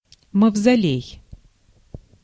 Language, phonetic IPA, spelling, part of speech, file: Russian, [məvzɐˈlʲej], мавзолей, noun, Ru-мавзолей.ogg
- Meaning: mausoleum